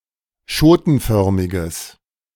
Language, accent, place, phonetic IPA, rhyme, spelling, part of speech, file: German, Germany, Berlin, [ˈʃoːtn̩ˌfœʁmɪɡəs], -oːtn̩fœʁmɪɡəs, schotenförmiges, adjective, De-schotenförmiges.ogg
- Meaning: strong/mixed nominative/accusative neuter singular of schotenförmig